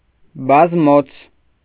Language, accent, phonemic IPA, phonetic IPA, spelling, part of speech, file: Armenian, Eastern Armenian, /bɑzˈmot͡sʰ/, [bɑzmót͡sʰ], բազմոց, noun, Hy-բազմոց.ogg
- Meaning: sofa, couch